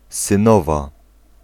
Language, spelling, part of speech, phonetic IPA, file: Polish, synowa, noun, [sɨ̃ˈnɔva], Pl-synowa.ogg